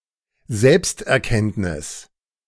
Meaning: self-knowledge
- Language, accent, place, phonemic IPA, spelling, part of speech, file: German, Germany, Berlin, /ˈzɛlpstʔɛɐ̯ˌkɛntnɪs/, Selbsterkenntnis, noun, De-Selbsterkenntnis.ogg